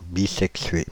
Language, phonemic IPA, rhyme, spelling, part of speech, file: French, /bi.sɛk.sɥe/, -e, bisexué, adjective, Fr-bisexué.ogg
- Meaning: bisexual (botany: having sex organs of both sexes)